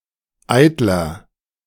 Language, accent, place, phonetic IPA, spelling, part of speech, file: German, Germany, Berlin, [ˈaɪ̯tlɐ], eitler, adjective, De-eitler.ogg
- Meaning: 1. comparative degree of eitel 2. inflection of eitel: strong/mixed nominative masculine singular 3. inflection of eitel: strong genitive/dative feminine singular